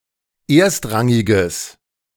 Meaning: strong/mixed nominative/accusative neuter singular of erstrangig
- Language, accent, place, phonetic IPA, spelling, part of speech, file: German, Germany, Berlin, [ˈeːɐ̯stˌʁaŋɪɡəs], erstrangiges, adjective, De-erstrangiges.ogg